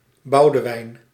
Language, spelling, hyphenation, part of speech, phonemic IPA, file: Dutch, Boudewijn, Bou‧de‧wijn, proper noun, /ˈbɑu̯dəˌʋɛi̯n/, Nl-Boudewijn.ogg
- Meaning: a male given name, akin to Baldwin